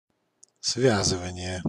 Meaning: 1. tying up, tying/binding together 2. linking, linkage, connecting 3. binding 4. combining, binding, fixation
- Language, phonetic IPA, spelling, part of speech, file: Russian, [ˈsvʲazɨvənʲɪje], связывание, noun, Ru-связывание.ogg